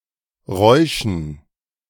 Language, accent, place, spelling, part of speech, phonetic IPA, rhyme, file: German, Germany, Berlin, Räuschen, noun, [ˈʁɔɪ̯ʃn̩], -ɔɪ̯ʃn̩, De-Räuschen.ogg
- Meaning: dative plural of Rausch